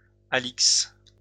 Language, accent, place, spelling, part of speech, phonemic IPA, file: French, France, Lyon, Alix, proper noun, /a.liks/, LL-Q150 (fra)-Alix.wav
- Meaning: a female given name, variant of Alice